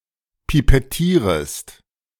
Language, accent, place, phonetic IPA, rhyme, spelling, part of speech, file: German, Germany, Berlin, [pipɛˈtiːʁəst], -iːʁəst, pipettierest, verb, De-pipettierest.ogg
- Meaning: second-person singular subjunctive I of pipettieren